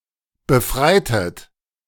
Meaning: inflection of befreien: 1. second-person plural preterite 2. second-person plural subjunctive II
- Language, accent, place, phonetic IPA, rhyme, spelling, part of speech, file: German, Germany, Berlin, [bəˈfʁaɪ̯tət], -aɪ̯tət, befreitet, verb, De-befreitet.ogg